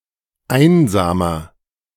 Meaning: inflection of einsam: 1. strong/mixed nominative masculine singular 2. strong genitive/dative feminine singular 3. strong genitive plural
- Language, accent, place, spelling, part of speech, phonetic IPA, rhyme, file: German, Germany, Berlin, einsamer, adjective, [ˈaɪ̯nzaːmɐ], -aɪ̯nzaːmɐ, De-einsamer.ogg